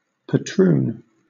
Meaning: One of the landowning Dutch grandees of the Dutch colony of New Amsterdam, especially after it became a British possession renamed as New York
- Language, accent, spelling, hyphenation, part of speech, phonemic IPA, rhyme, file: English, Southern England, patroon, pa‧troon, noun, /pəˈtɹuːn/, -uːn, LL-Q1860 (eng)-patroon.wav